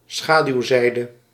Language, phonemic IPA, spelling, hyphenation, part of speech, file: Dutch, /ˈsxaː.dyu̯ˌzɛi̯.də/, schaduwzijde, scha‧duw‧zij‧de, noun, Nl-schaduwzijde.ogg
- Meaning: dark side, downside